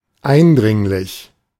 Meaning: 1. urgent, insistent 2. emphatic
- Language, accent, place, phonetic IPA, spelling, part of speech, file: German, Germany, Berlin, [ˈaɪ̯nˌdʁɪŋlɪç], eindringlich, adjective, De-eindringlich.ogg